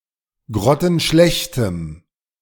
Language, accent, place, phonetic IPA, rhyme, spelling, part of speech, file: German, Germany, Berlin, [ˌɡʁɔtn̩ˈʃlɛçtəm], -ɛçtəm, grottenschlechtem, adjective, De-grottenschlechtem.ogg
- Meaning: strong dative masculine/neuter singular of grottenschlecht